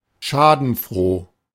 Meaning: gloating, maliciously gleeful in the downfall of others (i.e. one's enemies)
- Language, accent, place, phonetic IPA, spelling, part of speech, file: German, Germany, Berlin, [ˈʃaːdn̩ˌfʁoː], schadenfroh, adjective, De-schadenfroh.ogg